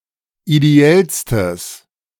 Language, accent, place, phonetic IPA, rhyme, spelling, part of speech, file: German, Germany, Berlin, [ideˈɛlstəs], -ɛlstəs, ideellstes, adjective, De-ideellstes.ogg
- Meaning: strong/mixed nominative/accusative neuter singular superlative degree of ideell